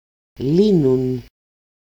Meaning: third-person plural present active of λύνω (lýno)
- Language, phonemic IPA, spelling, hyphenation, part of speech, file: Greek, /ˈli.nun/, λύνουν, λύ‧νουν, verb, El-λύνουν.ogg